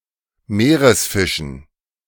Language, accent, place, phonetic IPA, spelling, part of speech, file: German, Germany, Berlin, [ˈmeːʁəsˌfɪʃn̩], Meeresfischen, noun, De-Meeresfischen.ogg
- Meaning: dative plural of Meeresfisch